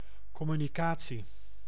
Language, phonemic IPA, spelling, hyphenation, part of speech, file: Dutch, /ˌkɔ.my.niˈkaː.(t)si/, communicatie, com‧mu‧ni‧ca‧tie, noun, Nl-communicatie.ogg
- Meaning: communication